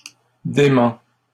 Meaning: inflection of démentir: 1. first/second-person singular present indicative 2. second-person singular imperative
- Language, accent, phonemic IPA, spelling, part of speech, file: French, Canada, /de.mɑ̃/, démens, verb, LL-Q150 (fra)-démens.wav